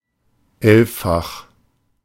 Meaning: elevenfold
- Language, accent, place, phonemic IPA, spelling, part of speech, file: German, Germany, Berlin, /ˈɛlffax/, elffach, adjective, De-elffach.ogg